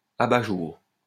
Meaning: 1. lampshade 2. eyeshade 3. skylight
- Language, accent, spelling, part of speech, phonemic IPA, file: French, France, abat-jour, noun, /a.ba.ʒuʁ/, LL-Q150 (fra)-abat-jour.wav